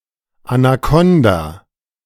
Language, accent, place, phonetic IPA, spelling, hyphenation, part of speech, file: German, Germany, Berlin, [anaˈkɔnda], Anakonda, Ana‧kon‧da, noun, De-Anakonda.ogg
- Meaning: anaconda